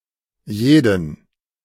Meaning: inflection of jeder: 1. strong/mixed accusative masculine singular 2. mixed genitive/dative all-gender singular
- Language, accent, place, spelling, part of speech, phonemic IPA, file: German, Germany, Berlin, jeden, pronoun, /ˈjeːdn̩/, De-jeden.ogg